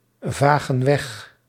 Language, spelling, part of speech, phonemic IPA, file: Dutch, vagen weg, verb, /ˈvaɣə(n) ˈwɛx/, Nl-vagen weg.ogg
- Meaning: inflection of wegvagen: 1. plural present indicative 2. plural present subjunctive